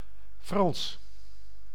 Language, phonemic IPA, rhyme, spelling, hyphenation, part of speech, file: Dutch, /frɑns/, -ɑns, Frans, Frans, adjective / proper noun, Nl-Frans.ogg
- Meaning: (adjective) French; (proper noun) 1. French (language) 2. a male given name, equivalent to English Francis